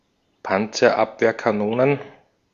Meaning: plural of Panzerabwehrkanone
- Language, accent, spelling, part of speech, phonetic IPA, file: German, Austria, Panzerabwehrkanonen, noun, [ˌpant͡sɐˈʔapveːɐ̯kaˌnoːnən], De-at-Panzerabwehrkanonen.ogg